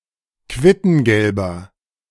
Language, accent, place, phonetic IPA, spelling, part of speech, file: German, Germany, Berlin, [ˈkvɪtn̩ɡɛlbɐ], quittengelber, adjective, De-quittengelber.ogg
- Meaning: inflection of quittengelb: 1. strong/mixed nominative masculine singular 2. strong genitive/dative feminine singular 3. strong genitive plural